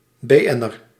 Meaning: a Dutch celebrity
- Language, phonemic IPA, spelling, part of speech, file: Dutch, /ˌbeːˈɛ.nər/, BN'er, noun, Nl-BN'er.ogg